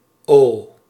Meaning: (interjection) oh; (character) The fifteenth letter of the Dutch alphabet, written in the Latin script; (adjective) abbreviation of onzijdig (“neuter”)
- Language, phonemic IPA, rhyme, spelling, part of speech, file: Dutch, /oː/, -oː, o, interjection / character / adjective, Nl-o.ogg